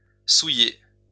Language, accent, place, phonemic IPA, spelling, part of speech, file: French, France, Lyon, /su.je/, souillé, verb / adjective, LL-Q150 (fra)-souillé.wav
- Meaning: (verb) past participle of souiller; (adjective) dirty, sullied, fouled